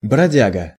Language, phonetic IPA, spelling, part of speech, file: Russian, [brɐˈdʲaɡə], бродяга, noun, Ru-бродяга.ogg
- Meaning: tramp, vagabond